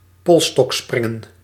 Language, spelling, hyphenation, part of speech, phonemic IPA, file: Dutch, polsstokspringen, pols‧stok‧sprin‧gen, noun, /ˈpɔl.stɔkˌsprɪ.ŋə(n)/, Nl-polsstokspringen.ogg
- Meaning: pole vault, pole-vaulting